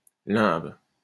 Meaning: limb
- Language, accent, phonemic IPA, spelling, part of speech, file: French, France, /lɛ̃b/, limbe, noun, LL-Q150 (fra)-limbe.wav